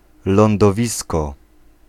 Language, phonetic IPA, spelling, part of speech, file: Polish, [ˌlɔ̃ndɔˈvʲiskɔ], lądowisko, noun, Pl-lądowisko.ogg